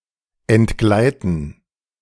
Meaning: to slip, to slip away (from grip)
- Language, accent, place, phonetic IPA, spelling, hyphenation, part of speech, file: German, Germany, Berlin, [ɛntˈɡlaɪ̯tn̩], entgleiten, ent‧glei‧ten, verb, De-entgleiten.ogg